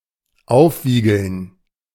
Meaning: to agitate, incite, stir up
- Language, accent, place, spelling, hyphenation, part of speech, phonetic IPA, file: German, Germany, Berlin, aufwiegeln, auf‧wie‧geln, verb, [ˈaʊ̯fˌviːɡl̩n], De-aufwiegeln.ogg